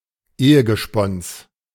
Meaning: spouse, husband or wife
- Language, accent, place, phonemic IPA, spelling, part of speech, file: German, Germany, Berlin, /ˈeːəɡəˌʃpɔns/, Ehegespons, noun, De-Ehegespons.ogg